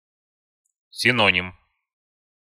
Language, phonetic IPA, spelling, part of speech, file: Russian, [sʲɪˈnonʲɪm], синоним, noun, Ru-синоним.ogg
- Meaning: synonym